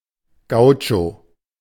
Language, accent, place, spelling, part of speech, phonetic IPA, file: German, Germany, Berlin, Gaucho, noun, [ˈɡaʊ̯t͡ʃo], De-Gaucho.ogg
- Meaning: gaucho